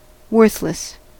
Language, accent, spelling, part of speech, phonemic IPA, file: English, US, worthless, adjective, /ˈwɝθ.ləs/, En-us-worthless.ogg
- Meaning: Having no worth or use; without value